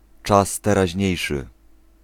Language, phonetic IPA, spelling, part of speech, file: Polish, [ˈt͡ʃas ˌtɛraˈʑɲɛ̇jʃɨ], czas teraźniejszy, noun, Pl-czas teraźniejszy.ogg